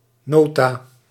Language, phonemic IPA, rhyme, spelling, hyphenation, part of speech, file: Dutch, /ˈnoː.taː/, -oːtaː, nota, no‧ta, noun, Nl-nota.ogg
- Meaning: 1. notice, official message or document 2. note, memorandum